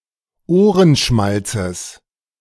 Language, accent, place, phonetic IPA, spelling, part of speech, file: German, Germany, Berlin, [ˈoːʁənˌʃmalt͡səs], Ohrenschmalzes, noun, De-Ohrenschmalzes.ogg
- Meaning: genitive singular of Ohrenschmalz